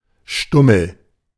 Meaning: stump, stub, butt
- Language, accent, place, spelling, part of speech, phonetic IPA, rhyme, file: German, Germany, Berlin, Stummel, noun, [ˈʃtʊml̩], -ʊml̩, De-Stummel.ogg